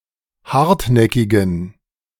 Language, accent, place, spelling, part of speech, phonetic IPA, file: German, Germany, Berlin, hartnäckigen, adjective, [ˈhaʁtˌnɛkɪɡn̩], De-hartnäckigen.ogg
- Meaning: inflection of hartnäckig: 1. strong genitive masculine/neuter singular 2. weak/mixed genitive/dative all-gender singular 3. strong/weak/mixed accusative masculine singular 4. strong dative plural